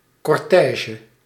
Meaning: cortege
- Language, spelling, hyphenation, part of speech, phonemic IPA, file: Dutch, cortège, cor‧tè‧ge, noun, /ˌkɔrˈtɛː.ʒə/, Nl-cortège.ogg